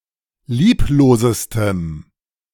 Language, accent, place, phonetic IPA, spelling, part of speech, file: German, Germany, Berlin, [ˈliːploːzəstəm], lieblosestem, adjective, De-lieblosestem.ogg
- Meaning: strong dative masculine/neuter singular superlative degree of lieblos